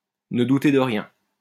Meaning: to be overly confident (in one's worth)
- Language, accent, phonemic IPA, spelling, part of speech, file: French, France, /nə du.te də ʁjɛ̃/, ne douter de rien, verb, LL-Q150 (fra)-ne douter de rien.wav